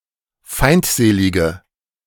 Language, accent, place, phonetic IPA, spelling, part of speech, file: German, Germany, Berlin, [ˈfaɪ̯ntˌzeːlɪɡə], feindselige, adjective, De-feindselige.ogg
- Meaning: inflection of feindselig: 1. strong/mixed nominative/accusative feminine singular 2. strong nominative/accusative plural 3. weak nominative all-gender singular